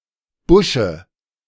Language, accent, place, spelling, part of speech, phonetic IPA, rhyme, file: German, Germany, Berlin, Busche, noun, [ˈbʊʃə], -ʊʃə, De-Busche.ogg
- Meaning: dative singular of Busch